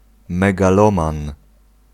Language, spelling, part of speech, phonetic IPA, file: Polish, megaloman, noun, [ˌmɛɡaˈlɔ̃mãn], Pl-megaloman.ogg